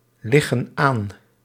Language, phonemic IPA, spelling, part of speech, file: Dutch, /ˈlɪɣə(n) ˈan/, liggen aan, verb, Nl-liggen aan.ogg
- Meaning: inflection of aanliggen: 1. plural present indicative 2. plural present subjunctive